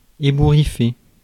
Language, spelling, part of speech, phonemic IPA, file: French, ébouriffer, verb, /e.bu.ʁi.fe/, Fr-ébouriffer.ogg
- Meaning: to ruffle, mess up (someone's hair)